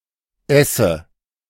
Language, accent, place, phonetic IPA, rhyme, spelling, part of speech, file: German, Germany, Berlin, [ˈɛsə], -ɛsə, esse, verb, De-esse.ogg
- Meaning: inflection of essen: 1. first-person singular present 2. first/third-person singular present subjunctive